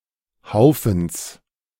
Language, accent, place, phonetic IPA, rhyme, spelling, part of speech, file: German, Germany, Berlin, [ˈhaʊ̯fn̩s], -aʊ̯fn̩s, Haufens, noun, De-Haufens.ogg
- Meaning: genitive singular of Haufen